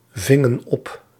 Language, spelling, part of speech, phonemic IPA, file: Dutch, vingen op, verb, /ˈvɪŋə(n) ˈɔp/, Nl-vingen op.ogg
- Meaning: inflection of opvangen: 1. plural past indicative 2. plural past subjunctive